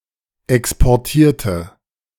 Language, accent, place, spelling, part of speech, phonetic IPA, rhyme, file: German, Germany, Berlin, exportierte, adjective / verb, [ˌɛkspɔʁˈtiːɐ̯tə], -iːɐ̯tə, De-exportierte.ogg
- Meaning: inflection of exportieren: 1. first/third-person singular preterite 2. first/third-person singular subjunctive II